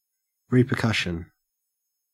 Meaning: 1. A consequence or ensuing result of some action 2. The act of driving back, or the state of being driven back; reflection; reverberation 3. Rapid reiteration of the same sound
- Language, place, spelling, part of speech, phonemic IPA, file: English, Queensland, repercussion, noun, /ˌɹiː.pəˈkɐʃ.ən/, En-au-repercussion.ogg